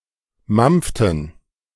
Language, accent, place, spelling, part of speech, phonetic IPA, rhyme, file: German, Germany, Berlin, mampften, verb, [ˈmamp͡ftn̩], -amp͡ftn̩, De-mampften.ogg
- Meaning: inflection of mampfen: 1. first/third-person plural preterite 2. first/third-person plural subjunctive II